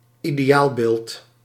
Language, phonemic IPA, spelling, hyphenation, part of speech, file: Dutch, /i.deːˈ(j)aːlˌbeːlt/, ideaalbeeld, ide‧aal‧beeld, noun, Nl-ideaalbeeld.ogg
- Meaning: ideal, paragon, ideal image (perfect standard)